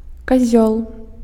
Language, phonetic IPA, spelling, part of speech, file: Belarusian, [kaˈzʲoɫ], казёл, noun, Be-казёл.ogg
- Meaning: goat, he-goat, billygoat